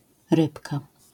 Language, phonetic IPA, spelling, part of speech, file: Polish, [ˈrɨpka], rybka, noun, LL-Q809 (pol)-rybka.wav